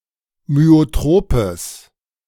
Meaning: strong/mixed nominative/accusative neuter singular of myotrop
- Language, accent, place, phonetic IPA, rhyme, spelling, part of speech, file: German, Germany, Berlin, [myoˈtʁoːpəs], -oːpəs, myotropes, adjective, De-myotropes.ogg